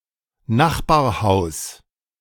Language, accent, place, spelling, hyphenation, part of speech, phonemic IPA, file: German, Germany, Berlin, Nachbarhaus, Nach‧bar‧haus, noun, /ˈnaxbaːɐ̯ˌhaʊ̯s/, De-Nachbarhaus.ogg
- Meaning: house next door